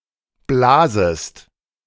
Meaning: second-person singular subjunctive I of blasen
- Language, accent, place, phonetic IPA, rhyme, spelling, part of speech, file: German, Germany, Berlin, [ˈblaːzəst], -aːzəst, blasest, verb, De-blasest.ogg